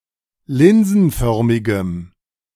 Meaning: strong dative masculine/neuter singular of linsenförmig
- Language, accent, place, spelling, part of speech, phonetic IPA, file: German, Germany, Berlin, linsenförmigem, adjective, [ˈlɪnzn̩ˌfœʁmɪɡəm], De-linsenförmigem.ogg